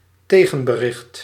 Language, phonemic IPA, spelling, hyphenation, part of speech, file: Dutch, /ˈteː.ɣə(n).bəˌrɪxt/, tegenbericht, te‧gen‧be‧richt, noun, Nl-tegenbericht.ogg
- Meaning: 1. message in response, response 2. contradiction, refutation